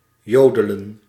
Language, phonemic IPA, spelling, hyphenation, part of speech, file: Dutch, /ˈjoːdələ(n)/, jodelen, jo‧de‧len, verb, Nl-jodelen.ogg
- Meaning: to yodel